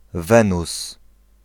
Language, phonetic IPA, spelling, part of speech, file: Polish, [ˈvɛ̃nus], Wenus, proper noun, Pl-Wenus.ogg